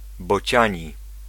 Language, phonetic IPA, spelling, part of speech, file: Polish, [bɔˈt͡ɕä̃ɲi], bociani, adjective, Pl-bociani.ogg